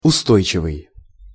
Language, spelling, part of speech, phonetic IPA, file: Russian, устойчивый, adjective, [ʊˈstojt͡ɕɪvɨj], Ru-устойчивый.ogg
- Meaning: 1. steady, stable 2. steadfast, resistant to external influence 3. hardy, resistant (of plants or animals) 4. sustainable